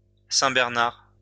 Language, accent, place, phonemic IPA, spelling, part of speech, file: French, France, Lyon, /sɛ̃.bɛʁ.naʁ/, saint-bernard, noun, LL-Q150 (fra)-saint-bernard.wav
- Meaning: Saint Bernard (breed of dog)